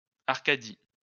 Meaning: Arcadia
- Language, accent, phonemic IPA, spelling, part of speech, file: French, France, /aʁ.ka.di/, Arcadie, proper noun, LL-Q150 (fra)-Arcadie.wav